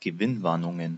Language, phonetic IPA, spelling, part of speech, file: German, [ɡəˈvɪnˌvaʁnʊŋən], Gewinnwarnungen, noun, De-Gewinnwarnungen.ogg
- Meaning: plural of Gewinnwarnung